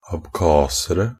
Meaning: indefinite plural of abkhaser
- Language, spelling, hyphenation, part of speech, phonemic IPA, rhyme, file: Norwegian Bokmål, abkhasere, ab‧kha‧se‧re, noun, /abˈkɑːsərə/, -ərə, NB - Pronunciation of Norwegian Bokmål «abkhasere».ogg